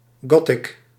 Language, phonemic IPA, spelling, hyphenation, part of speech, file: Dutch, /ˈɡɔ.tɪk/, gothic, go‧thic, noun, Nl-gothic.ogg
- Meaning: 1. a goth, a member of gothic subculture 2. the goth subculture